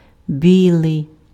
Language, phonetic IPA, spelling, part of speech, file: Ukrainian, [ˈbʲiɫei̯], білий, adjective, Uk-білий.ogg
- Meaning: white